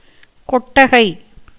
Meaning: 1. a cow stall 2. any shed with sloping roofs 3. pandal; temporary thatched shed 4. theatre (for films or a play)
- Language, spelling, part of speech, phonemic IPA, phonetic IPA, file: Tamil, கொட்டகை, noun, /koʈːɐɡɐɪ̯/, [ko̞ʈːɐɡɐɪ̯], Ta-கொட்டகை.ogg